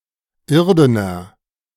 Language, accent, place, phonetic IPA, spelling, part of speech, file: German, Germany, Berlin, [ˈɪʁdənɐ], irdener, adjective, De-irdener.ogg
- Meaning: inflection of irden: 1. strong/mixed nominative masculine singular 2. strong genitive/dative feminine singular 3. strong genitive plural